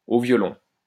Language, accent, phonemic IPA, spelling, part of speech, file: French, France, /o vjɔ.lɔ̃/, au violon, adverb, LL-Q150 (fra)-au violon.wav
- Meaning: in the clink; in jail